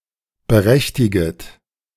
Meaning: second-person plural subjunctive I of berechtigen
- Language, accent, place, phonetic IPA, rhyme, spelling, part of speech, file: German, Germany, Berlin, [bəˈʁɛçtɪɡət], -ɛçtɪɡət, berechtiget, verb, De-berechtiget.ogg